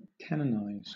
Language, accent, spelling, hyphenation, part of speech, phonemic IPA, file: English, Southern England, canonize, ca‧non‧ize, verb, /ˈkænənaɪz/, LL-Q1860 (eng)-canonize.wav
- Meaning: 1. To declare (a deceased person) as a saint, and enter them into the canon of saints 2. To regard as a saint; to glorify, to exalt to the highest honour